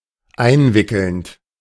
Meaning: present participle of einwickeln
- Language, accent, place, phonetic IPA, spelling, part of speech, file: German, Germany, Berlin, [ˈaɪ̯nˌvɪkl̩nt], einwickelnd, verb, De-einwickelnd.ogg